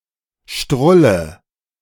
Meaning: inflection of strullen: 1. first-person singular present 2. first/third-person singular subjunctive I 3. singular imperative
- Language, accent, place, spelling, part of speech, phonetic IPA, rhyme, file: German, Germany, Berlin, strulle, verb, [ˈʃtʁʊlə], -ʊlə, De-strulle.ogg